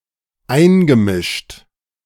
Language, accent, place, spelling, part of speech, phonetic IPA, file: German, Germany, Berlin, eingemischt, verb, [ˈaɪ̯nɡəˌmɪʃt], De-eingemischt.ogg
- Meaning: past participle of einmischen